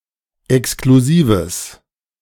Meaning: strong/mixed nominative/accusative neuter singular of exklusiv
- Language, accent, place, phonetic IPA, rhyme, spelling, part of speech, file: German, Germany, Berlin, [ɛkskluˈziːvəs], -iːvəs, exklusives, adjective, De-exklusives.ogg